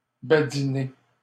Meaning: to jest, joke
- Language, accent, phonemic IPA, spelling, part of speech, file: French, Canada, /ba.di.ne/, badiner, verb, LL-Q150 (fra)-badiner.wav